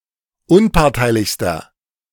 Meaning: inflection of unparteilich: 1. strong/mixed nominative masculine singular superlative degree 2. strong genitive/dative feminine singular superlative degree 3. strong genitive plural superlative degree
- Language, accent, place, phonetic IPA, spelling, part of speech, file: German, Germany, Berlin, [ˈʊnpaʁtaɪ̯lɪçstɐ], unparteilichster, adjective, De-unparteilichster.ogg